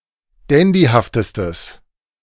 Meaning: strong/mixed nominative/accusative neuter singular superlative degree of dandyhaft
- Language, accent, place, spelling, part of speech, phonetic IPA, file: German, Germany, Berlin, dandyhaftestes, adjective, [ˈdɛndihaftəstəs], De-dandyhaftestes.ogg